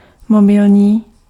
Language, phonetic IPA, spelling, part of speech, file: Czech, [ˈmobɪlɲiː], mobilní, adjective, Cs-mobilní.ogg
- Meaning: mobile